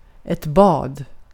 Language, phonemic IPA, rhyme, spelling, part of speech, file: Swedish, /bɑːd/, -ɑːd, bad, noun / verb, Sv-bad.ogg
- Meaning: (noun) 1. bathing; swimming (see the usage notes for bada, which also apply here) 2. a bath; a swim (instance of taking a bath or going for a swim)